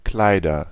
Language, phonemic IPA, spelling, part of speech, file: German, /ˈklaɪ̯dɐ/, Kleider, noun, De-Kleider.ogg
- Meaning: nominative/accusative/genitive plural of Kleid